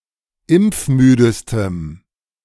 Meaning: strong dative masculine/neuter singular superlative degree of impfmüde
- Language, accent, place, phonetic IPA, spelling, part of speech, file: German, Germany, Berlin, [ˈɪmp͡fˌmyːdəstəm], impfmüdestem, adjective, De-impfmüdestem.ogg